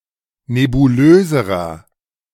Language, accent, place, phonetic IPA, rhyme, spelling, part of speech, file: German, Germany, Berlin, [nebuˈløːzəʁɐ], -øːzəʁɐ, nebulöserer, adjective, De-nebulöserer.ogg
- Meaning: inflection of nebulös: 1. strong/mixed nominative masculine singular comparative degree 2. strong genitive/dative feminine singular comparative degree 3. strong genitive plural comparative degree